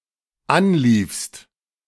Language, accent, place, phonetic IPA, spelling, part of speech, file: German, Germany, Berlin, [ˈanˌliːfst], anliefst, verb, De-anliefst.ogg
- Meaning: second-person singular dependent preterite of anlaufen